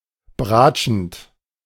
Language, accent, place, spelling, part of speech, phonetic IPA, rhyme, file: German, Germany, Berlin, bratschend, verb, [ˈbʁaːt͡ʃn̩t], -aːt͡ʃn̩t, De-bratschend.ogg
- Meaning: present participle of bratschen